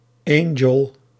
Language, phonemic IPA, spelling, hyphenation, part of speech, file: Dutch, /ˈɑ.ŋəl/, Angel, An‧gel, noun, Nl-Angel.ogg
- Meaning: Angle